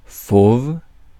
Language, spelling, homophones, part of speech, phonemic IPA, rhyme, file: French, fauve, fauves, adjective / noun, /fov/, -ov, Fr-fauve.ogg
- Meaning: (adjective) 1. tawny 2. savage, fierce (having the ferocity of a wild animal) 3. dangerous, wild 4. fauvist; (noun) 1. tawny-coloured animal 2. a big cat, such as a lion or lynx